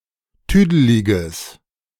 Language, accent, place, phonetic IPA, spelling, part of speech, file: German, Germany, Berlin, [ˈtyːdəlɪɡəs], tüdeliges, adjective, De-tüdeliges.ogg
- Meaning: strong/mixed nominative/accusative neuter singular of tüdelig